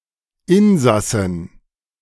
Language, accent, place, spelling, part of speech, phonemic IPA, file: German, Germany, Berlin, Insassin, noun, /ˈɪnzasɪn/, De-Insassin.ogg
- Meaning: 1. female passenger 2. female inhabitant